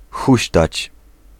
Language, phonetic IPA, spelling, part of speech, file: Polish, [ˈxuɕtat͡ɕ], huśtać, verb, Pl-huśtać.ogg